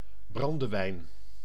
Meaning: brandy (type of strong liquor distilled from wine or another alcoholic beverage)
- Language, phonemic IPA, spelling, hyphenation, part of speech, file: Dutch, /ˈbrɑn.dəˌʋɛi̯n/, brandewijn, bran‧de‧wijn, noun, Nl-brandewijn.ogg